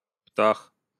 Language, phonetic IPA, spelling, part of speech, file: Russian, [ptax], птах, noun, Ru-птах.ogg
- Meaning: 1. bird 2. genitive/accusative plural of пта́ха (ptáxa)